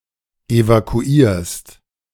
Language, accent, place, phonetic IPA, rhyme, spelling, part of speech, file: German, Germany, Berlin, [evakuˈiːɐ̯st], -iːɐ̯st, evakuierst, verb, De-evakuierst.ogg
- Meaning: second-person singular present of evakuieren